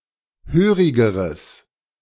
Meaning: strong/mixed nominative/accusative neuter singular comparative degree of hörig
- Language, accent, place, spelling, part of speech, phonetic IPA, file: German, Germany, Berlin, hörigeres, adjective, [ˈhøːʁɪɡəʁəs], De-hörigeres.ogg